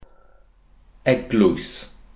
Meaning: church
- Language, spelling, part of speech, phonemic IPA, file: Welsh, eglwys, noun, /ˈɛɡlʊɨ̯s/, Cy-eglwys.ogg